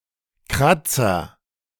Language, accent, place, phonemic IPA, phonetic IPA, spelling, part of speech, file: German, Germany, Berlin, /ˈkʁatsəʁ/, [ˈkʁatsɐ], Kratzer, noun, De-Kratzer.ogg
- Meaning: 1. scratch 2. scrape 3. scar